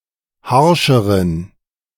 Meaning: inflection of harsch: 1. strong genitive masculine/neuter singular comparative degree 2. weak/mixed genitive/dative all-gender singular comparative degree
- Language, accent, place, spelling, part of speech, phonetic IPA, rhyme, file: German, Germany, Berlin, harscheren, adjective, [ˈhaʁʃəʁən], -aʁʃəʁən, De-harscheren.ogg